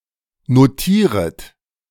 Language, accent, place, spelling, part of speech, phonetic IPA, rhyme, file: German, Germany, Berlin, notieret, verb, [noˈtiːʁət], -iːʁət, De-notieret.ogg
- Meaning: second-person plural subjunctive I of notieren